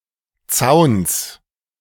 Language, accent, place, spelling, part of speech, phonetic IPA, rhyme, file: German, Germany, Berlin, Zauns, noun, [t͡saʊ̯ns], -aʊ̯ns, De-Zauns.ogg
- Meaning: genitive singular of Zaun